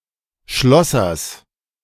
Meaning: genitive singular of Schlosser
- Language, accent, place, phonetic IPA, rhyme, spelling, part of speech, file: German, Germany, Berlin, [ˈʃlɔsɐs], -ɔsɐs, Schlossers, noun, De-Schlossers.ogg